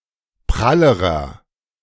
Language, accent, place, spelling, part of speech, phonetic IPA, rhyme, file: German, Germany, Berlin, prallerer, adjective, [ˈpʁaləʁɐ], -aləʁɐ, De-prallerer.ogg
- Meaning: inflection of prall: 1. strong/mixed nominative masculine singular comparative degree 2. strong genitive/dative feminine singular comparative degree 3. strong genitive plural comparative degree